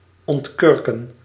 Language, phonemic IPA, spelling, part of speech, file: Dutch, /ˌɔntˈkʏr.kə(n)/, ontkurken, verb, Nl-ontkurken.ogg
- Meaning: to uncork (a bottle etc.); hence, to open (for use, notably drinking)